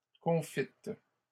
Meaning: feminine plural of confit
- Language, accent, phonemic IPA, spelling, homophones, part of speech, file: French, Canada, /kɔ̃.fit/, confites, confîtes, adjective, LL-Q150 (fra)-confites.wav